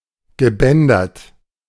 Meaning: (verb) past participle of bändern; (adjective) banded, striped
- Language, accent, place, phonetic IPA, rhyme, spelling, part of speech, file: German, Germany, Berlin, [ɡəˈbɛndɐt], -ɛndɐt, gebändert, verb, De-gebändert.ogg